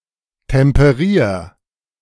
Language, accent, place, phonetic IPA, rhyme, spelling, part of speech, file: German, Germany, Berlin, [tɛmpəˈʁiːɐ̯], -iːɐ̯, temperier, verb, De-temperier.ogg
- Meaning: 1. singular imperative of temperieren 2. first-person singular present of temperieren